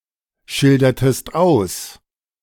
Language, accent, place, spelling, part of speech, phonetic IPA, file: German, Germany, Berlin, schildertest aus, verb, [ˌʃɪldɐtəst ˈaʊ̯s], De-schildertest aus.ogg
- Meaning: inflection of ausschildern: 1. second-person singular preterite 2. second-person singular subjunctive II